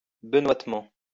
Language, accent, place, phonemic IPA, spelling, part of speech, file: French, France, Lyon, /bə.nwat.mɑ̃/, benoitement, adverb, LL-Q150 (fra)-benoitement.wav
- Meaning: alternative form of benoîtement